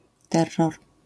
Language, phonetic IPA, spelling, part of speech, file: Polish, [ˈtɛrːɔr], terror, noun, LL-Q809 (pol)-terror.wav